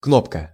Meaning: 1. button (a mechanical device meant to be pressed with a finger) 2. button (an on-screen control that can be selected as an activator of an attached function) 3. drawing pin, thumbtack
- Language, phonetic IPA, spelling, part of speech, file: Russian, [ˈknopkə], кнопка, noun, Ru-кнопка.ogg